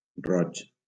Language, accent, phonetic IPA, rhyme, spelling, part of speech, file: Catalan, Valencia, [ˈrɔt͡ʃ], -ɔtʃ, roig, adjective / noun, LL-Q7026 (cat)-roig.wav
- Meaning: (adjective) red (color); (noun) a red (person)